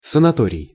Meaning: sanatorium, sanitarium, health resort
- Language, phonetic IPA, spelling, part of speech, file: Russian, [sənɐˈtorʲɪj], санаторий, noun, Ru-санаторий.ogg